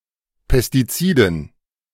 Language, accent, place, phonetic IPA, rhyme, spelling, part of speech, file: German, Germany, Berlin, [pɛstiˈt͡siːdn̩], -iːdn̩, Pestiziden, noun, De-Pestiziden.ogg
- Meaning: dative plural of Pestizid